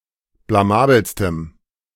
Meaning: strong dative masculine/neuter singular superlative degree of blamabel
- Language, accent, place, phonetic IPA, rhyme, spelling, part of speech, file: German, Germany, Berlin, [blaˈmaːbl̩stəm], -aːbl̩stəm, blamabelstem, adjective, De-blamabelstem.ogg